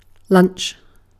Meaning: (noun) 1. A light meal usually eaten around midday, notably when not as main meal of the day 2. A break in play between the first and second sessions
- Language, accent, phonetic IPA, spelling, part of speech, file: English, Received Pronunciation, [lʌ̃nt͡ʃ], lunch, noun / verb, En-uk-lunch.ogg